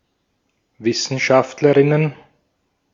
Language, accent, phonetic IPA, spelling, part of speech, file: German, Austria, [ˈvɪsn̩ʃaftləʁɪnən], Wissenschaftlerinnen, noun, De-at-Wissenschaftlerinnen.ogg
- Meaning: plural of Wissenschaftlerin